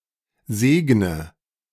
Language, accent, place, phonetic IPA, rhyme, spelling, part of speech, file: German, Germany, Berlin, [ˈzeːɡnə], -eːɡnə, segne, verb, De-segne.ogg
- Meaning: inflection of segnen: 1. first-person singular present 2. first/third-person singular subjunctive I 3. singular imperative